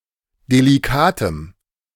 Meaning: strong dative masculine/neuter singular of delikat
- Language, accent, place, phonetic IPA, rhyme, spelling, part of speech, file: German, Germany, Berlin, [deliˈkaːtəm], -aːtəm, delikatem, adjective, De-delikatem.ogg